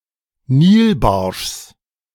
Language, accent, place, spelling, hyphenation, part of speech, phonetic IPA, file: German, Germany, Berlin, Nilbarschs, Nil‧barschs, noun, [ˈniːlˌbaʁʃs], De-Nilbarschs.ogg
- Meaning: genitive of Nilbarsch